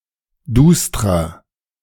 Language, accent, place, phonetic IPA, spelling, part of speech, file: German, Germany, Berlin, [ˈduːstʁɐ], dustrer, adjective, De-dustrer.ogg
- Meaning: 1. comparative degree of duster 2. inflection of duster: strong/mixed nominative masculine singular 3. inflection of duster: strong genitive/dative feminine singular